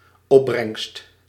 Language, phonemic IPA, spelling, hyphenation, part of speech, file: Dutch, /ˈɔ(p).brɛŋst/, opbrengst, op‧brengst, noun, Nl-opbrengst.ogg
- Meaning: proceeds (gross revenue)